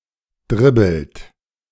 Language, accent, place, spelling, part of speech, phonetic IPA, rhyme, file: German, Germany, Berlin, dribbelt, verb, [ˈdʁɪbl̩t], -ɪbl̩t, De-dribbelt.ogg
- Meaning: inflection of dribbeln: 1. third-person singular present 2. second-person plural present 3. plural imperative